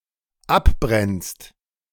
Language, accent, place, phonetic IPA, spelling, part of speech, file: German, Germany, Berlin, [ˈapˌbʁɛnst], abbrennst, verb, De-abbrennst.ogg
- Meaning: second-person singular dependent present of abbrennen